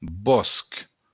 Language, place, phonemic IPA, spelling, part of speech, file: Occitan, Béarn, /bɔsk/, bòsc, noun, LL-Q14185 (oci)-bòsc.wav
- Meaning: wood (area with plants and trees)